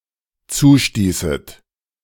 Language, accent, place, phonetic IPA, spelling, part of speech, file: German, Germany, Berlin, [ˈt͡suːˌʃtiːsət], zustießet, verb, De-zustießet.ogg
- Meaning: second-person plural dependent subjunctive II of zustoßen